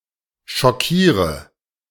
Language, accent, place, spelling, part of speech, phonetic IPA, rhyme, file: German, Germany, Berlin, schockiere, verb, [ʃɔˈkiːʁə], -iːʁə, De-schockiere.ogg
- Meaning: inflection of schockieren: 1. first-person singular present 2. singular imperative 3. first/third-person singular subjunctive I